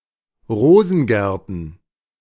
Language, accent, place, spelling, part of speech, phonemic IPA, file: German, Germany, Berlin, Rosengärten, noun, /ˈʁoːzn̩ˌɡɛʁtn̩/, De-Rosengärten.ogg
- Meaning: plural of Rosengarten